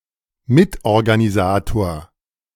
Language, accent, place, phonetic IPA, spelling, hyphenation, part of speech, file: German, Germany, Berlin, [ˈmɪtʔɔʁɡaniˌzaːtoːɐ̯], Mitorganisator, Mit‧or‧ga‧ni‧sa‧tor, noun, De-Mitorganisator.ogg
- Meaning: coorganizer, co-organizer